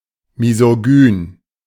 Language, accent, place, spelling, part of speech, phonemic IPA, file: German, Germany, Berlin, misogyn, adjective, /mizoˈɡyːn/, De-misogyn.ogg
- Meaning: misogynistic, misogynist, misogynic, misogynous